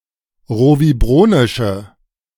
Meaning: inflection of rovibronisch: 1. strong/mixed nominative/accusative feminine singular 2. strong nominative/accusative plural 3. weak nominative all-gender singular
- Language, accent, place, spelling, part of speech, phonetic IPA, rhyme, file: German, Germany, Berlin, rovibronische, adjective, [ˌʁoviˈbʁoːnɪʃə], -oːnɪʃə, De-rovibronische.ogg